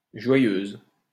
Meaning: feminine singular of joyeux
- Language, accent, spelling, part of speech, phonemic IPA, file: French, France, joyeuse, adjective, /ʒwa.jøz/, LL-Q150 (fra)-joyeuse.wav